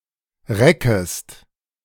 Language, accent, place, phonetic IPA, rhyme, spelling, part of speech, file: German, Germany, Berlin, [ˈʁɛkəst], -ɛkəst, reckest, verb, De-reckest.ogg
- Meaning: second-person singular subjunctive I of recken